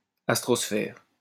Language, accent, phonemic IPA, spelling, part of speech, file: French, France, /as.tʁɔs.fɛʁ/, astrosphère, noun, LL-Q150 (fra)-astrosphère.wav
- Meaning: astrosphere